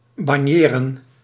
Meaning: 1. to walk slowly back and forth, to saunter around 2. to boast, to act important
- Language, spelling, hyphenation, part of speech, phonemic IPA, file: Dutch, banjeren, ban‧je‧ren, verb, /ˈbɑn.jə.rə(n)/, Nl-banjeren.ogg